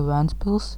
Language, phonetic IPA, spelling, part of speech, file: Latvian, [væ̀ntspils], Ventspils, proper noun, Lv-Ventspils.ogg
- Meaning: Ventspils (a city on the coast of Latvia)